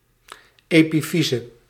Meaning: 1. epiphysis (end of a long bone) 2. epiphysis, pineal gland
- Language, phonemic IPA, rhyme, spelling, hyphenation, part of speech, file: Dutch, /ˌeː.piˈfi.zə/, -izə, epifyse, epi‧fy‧se, noun, Nl-epifyse.ogg